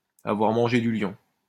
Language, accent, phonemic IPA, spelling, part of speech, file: French, France, /a.vwaʁ mɑ̃.ʒe dy ljɔ̃/, avoir mangé du lion, verb, LL-Q150 (fra)-avoir mangé du lion.wav
- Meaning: to be full of energy